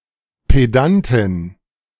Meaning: female equivalent of Pedant
- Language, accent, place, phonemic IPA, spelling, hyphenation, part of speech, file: German, Germany, Berlin, /peˈdantɪn/, Pedantin, Pe‧dan‧tin, noun, De-Pedantin.ogg